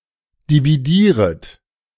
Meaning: second-person plural subjunctive I of dividieren
- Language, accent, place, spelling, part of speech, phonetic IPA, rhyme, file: German, Germany, Berlin, dividieret, verb, [diviˈdiːʁət], -iːʁət, De-dividieret.ogg